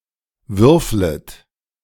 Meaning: second-person plural subjunctive I of würfeln
- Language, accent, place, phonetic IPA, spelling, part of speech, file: German, Germany, Berlin, [ˈvʏʁflət], würflet, verb, De-würflet.ogg